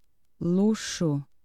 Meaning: 1. extravagance; prodigality 2. luxury (something pleasant but unnecessary)
- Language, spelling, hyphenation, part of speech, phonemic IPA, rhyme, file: Portuguese, luxo, lu‧xo, noun, /ˈlu.ʃu/, -uʃu, Pt luxo.ogg